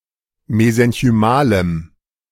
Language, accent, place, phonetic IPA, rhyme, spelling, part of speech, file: German, Germany, Berlin, [mezɛnçyˈmaːləm], -aːləm, mesenchymalem, adjective, De-mesenchymalem.ogg
- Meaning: strong dative masculine/neuter singular of mesenchymal